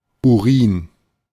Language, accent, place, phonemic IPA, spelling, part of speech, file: German, Germany, Berlin, /uˈʁiːn/, Urin, noun, De-Urin.ogg
- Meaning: urine